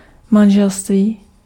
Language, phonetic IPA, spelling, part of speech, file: Czech, [ˈmanʒɛlstviː], manželství, noun, Cs-manželství.ogg
- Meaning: marriage, matrimony, wedlock (union of two or more people)